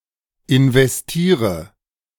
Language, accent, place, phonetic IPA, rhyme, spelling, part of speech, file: German, Germany, Berlin, [ɪnvɛsˈtiːʁə], -iːʁə, investiere, verb, De-investiere.ogg
- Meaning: inflection of investieren: 1. first-person singular present 2. singular imperative 3. first/third-person singular subjunctive I